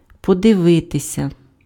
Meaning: to watch, to look (at)
- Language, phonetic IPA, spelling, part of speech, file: Ukrainian, [pɔdeˈʋɪtesʲɐ], подивитися, verb, Uk-подивитися.ogg